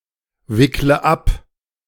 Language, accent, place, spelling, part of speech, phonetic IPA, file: German, Germany, Berlin, wickle ab, verb, [ˌvɪklə ˈap], De-wickle ab.ogg
- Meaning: inflection of abwickeln: 1. first-person singular present 2. first/third-person singular subjunctive I 3. singular imperative